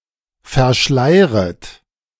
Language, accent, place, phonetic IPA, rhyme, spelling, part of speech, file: German, Germany, Berlin, [fɛɐ̯ˈʃlaɪ̯ʁət], -aɪ̯ʁət, verschleiret, verb, De-verschleiret.ogg
- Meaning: second-person plural subjunctive I of verschleiern